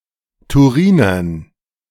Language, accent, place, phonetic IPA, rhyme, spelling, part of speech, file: German, Germany, Berlin, [tuˈʁiːnɐn], -iːnɐn, Turinern, noun, De-Turinern.ogg
- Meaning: dative plural of Turiner